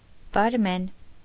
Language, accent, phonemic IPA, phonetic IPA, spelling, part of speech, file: Armenian, Eastern Armenian, /bɑɾˈmen/, [bɑɾmén], բարմեն, noun, Hy-բարմեն.ogg
- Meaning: barman, bartender, barkeeper